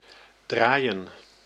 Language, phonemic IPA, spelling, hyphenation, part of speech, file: Dutch, /ˈdraːi̯ə(n)/, draaien, draai‧en, verb, Nl-draaien.ogg
- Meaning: 1. to turn, to turn round 2. to play (a record, CD, song, etc.) 3. to input into a telephone, to call (a phone number) 4. to run or throw (a party) 5. to roll (a cigarette or joint)